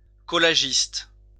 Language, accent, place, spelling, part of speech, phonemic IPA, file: French, France, Lyon, collagiste, noun, /kɔ.la.ʒist/, LL-Q150 (fra)-collagiste.wav
- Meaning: collagist (one who makes collages)